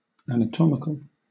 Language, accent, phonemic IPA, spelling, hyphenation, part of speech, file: English, Southern England, /æ.nəˈtɒ.mɪ.kəl/, anatomical, an‧a‧tom‧i‧cal, adjective, LL-Q1860 (eng)-anatomical.wav
- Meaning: Of or relating to anatomy or dissection